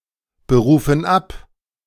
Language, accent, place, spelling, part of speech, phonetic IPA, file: German, Germany, Berlin, berufen ab, verb, [bəˌʁuːfn̩ ˈap], De-berufen ab.ogg
- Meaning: inflection of abberufen: 1. first/third-person plural present 2. first/third-person plural subjunctive I